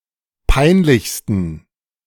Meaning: 1. superlative degree of peinlich 2. inflection of peinlich: strong genitive masculine/neuter singular superlative degree
- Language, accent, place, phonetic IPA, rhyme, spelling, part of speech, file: German, Germany, Berlin, [ˈpaɪ̯nˌlɪçstn̩], -aɪ̯nlɪçstn̩, peinlichsten, adjective, De-peinlichsten.ogg